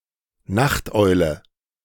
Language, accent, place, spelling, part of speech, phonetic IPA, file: German, Germany, Berlin, Nachteule, noun, [ˈnaxtˌʔɔɪ̯lə], De-Nachteule.ogg
- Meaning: night owl